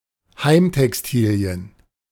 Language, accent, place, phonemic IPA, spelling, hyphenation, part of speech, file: German, Germany, Berlin, /ˈhaɪ̯mtɛksˌtiːli̯ən/, Heimtextilien, Heim‧tex‧ti‧li‧en, noun, De-Heimtextilien.ogg
- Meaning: home textiles, household textiles